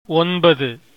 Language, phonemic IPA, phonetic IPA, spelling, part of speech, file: Tamil, /onbɐd̪ɯ/, [o̞nbɐd̪ɯ], ஒன்பது, numeral / noun, Ta-ஒன்பது.ogg
- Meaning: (numeral) nine (numeral: ௯); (noun) A transsexual, person, usually a trans woman